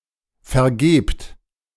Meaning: inflection of vergeben: 1. second-person plural present 2. plural imperative
- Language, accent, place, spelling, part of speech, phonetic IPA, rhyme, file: German, Germany, Berlin, vergebt, verb, [fɛɐ̯ˈɡeːpt], -eːpt, De-vergebt.ogg